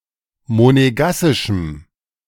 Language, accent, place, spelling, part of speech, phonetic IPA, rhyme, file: German, Germany, Berlin, monegassischem, adjective, [moneˈɡasɪʃm̩], -asɪʃm̩, De-monegassischem.ogg
- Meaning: strong dative masculine/neuter singular of monegassisch